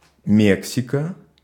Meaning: Mexico (a country in North America, located south of the United States, and northwest of Guatemala and Belize from Central America)
- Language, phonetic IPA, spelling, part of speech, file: Russian, [ˈmʲeksʲɪkə], Мексика, proper noun, Ru-Мексика.ogg